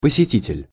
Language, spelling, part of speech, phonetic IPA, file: Russian, посетитель, noun, [pəsʲɪˈtʲitʲɪlʲ], Ru-посетитель.ogg
- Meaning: visitor, caller